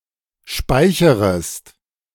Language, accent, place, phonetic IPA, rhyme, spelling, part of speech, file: German, Germany, Berlin, [ˈʃpaɪ̯çəʁəst], -aɪ̯çəʁəst, speicherest, verb, De-speicherest.ogg
- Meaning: second-person singular subjunctive I of speichern